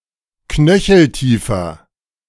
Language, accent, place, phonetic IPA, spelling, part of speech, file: German, Germany, Berlin, [ˈknœçl̩ˌtiːfɐ], knöcheltiefer, adjective, De-knöcheltiefer.ogg
- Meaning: inflection of knöcheltief: 1. strong/mixed nominative masculine singular 2. strong genitive/dative feminine singular 3. strong genitive plural